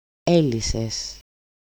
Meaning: second-person singular simple past active indicative of λύνω (lýno)
- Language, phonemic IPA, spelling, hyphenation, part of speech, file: Greek, /ˈe.li.ses/, έλυσες, έ‧λυ‧σες, verb, El-έλυσες.ogg